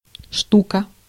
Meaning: 1. piece, each (in counting items) 2. thing 3. thousand 4. Stuka (German Junkers Ju 87 dive bomber)
- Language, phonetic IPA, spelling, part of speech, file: Russian, [ˈʂtukə], штука, noun, Ru-штука.ogg